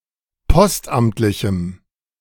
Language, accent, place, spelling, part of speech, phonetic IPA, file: German, Germany, Berlin, postamtlichem, adjective, [ˈpɔstˌʔamtlɪçm̩], De-postamtlichem.ogg
- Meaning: strong dative masculine/neuter singular of postamtlich